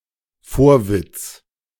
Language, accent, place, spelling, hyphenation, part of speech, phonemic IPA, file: German, Germany, Berlin, Vorwitz, Vor‧witz, noun, /ˈfoːɐ̯vɪt͡s/, De-Vorwitz.ogg
- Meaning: 1. impertinent curiosity 2. wonder